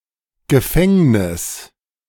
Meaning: 1. prison, jail (building) 2. prison sentence
- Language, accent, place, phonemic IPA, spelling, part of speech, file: German, Germany, Berlin, /ɡəˈfɛŋnɪs/, Gefängnis, noun, De-Gefängnis2.ogg